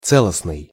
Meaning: holistic, integrated, unified
- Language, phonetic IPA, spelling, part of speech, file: Russian, [ˈt͡sɛɫəsnɨj], целостный, adjective, Ru-целостный.ogg